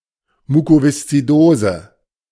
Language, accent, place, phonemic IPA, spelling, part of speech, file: German, Germany, Berlin, /ˌmuːkovɪstsiˈdoːzə/, Mukoviszidose, noun, De-Mukoviszidose.ogg
- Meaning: cystic fibrosis, mucoviscidosis